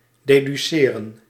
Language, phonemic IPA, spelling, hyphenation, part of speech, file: Dutch, /deːdyˈseːrə(n)/, deduceren, de‧du‧ce‧ren, verb, Nl-deduceren.ogg
- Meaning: to deduce